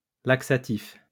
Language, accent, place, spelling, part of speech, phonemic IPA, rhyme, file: French, France, Lyon, laxatif, adjective / noun, /lak.sa.tif/, -if, LL-Q150 (fra)-laxatif.wav
- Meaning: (adjective) laxative; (noun) a laxative